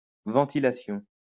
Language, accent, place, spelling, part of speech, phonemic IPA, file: French, France, Lyon, ventilation, noun, /vɑ̃.ti.la.sjɔ̃/, LL-Q150 (fra)-ventilation.wav
- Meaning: 1. ventilation: replacement of stale or noxious air with fresh 2. ventilation: mechanical system used to circulate and replace air 3. repartition